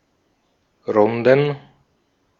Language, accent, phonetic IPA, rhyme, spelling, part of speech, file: German, Austria, [ˈʁʊndn̩], -ʊndn̩, Runden, noun, De-at-Runden.ogg
- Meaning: plural of Runde